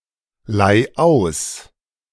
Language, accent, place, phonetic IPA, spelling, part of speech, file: German, Germany, Berlin, [ˌlaɪ̯ ˈaʊ̯s], leih aus, verb, De-leih aus.ogg
- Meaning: singular imperative of ausleihen